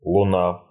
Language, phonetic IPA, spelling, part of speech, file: Russian, [ɫʊˈna], Луна, proper noun, Ru-Луна.ogg
- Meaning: the Moon (the only natural satellite of the Earth)